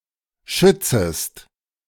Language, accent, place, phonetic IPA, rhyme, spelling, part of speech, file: German, Germany, Berlin, [ˈʃʏt͡səst], -ʏt͡səst, schützest, verb, De-schützest.ogg
- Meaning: second-person singular subjunctive I of schützen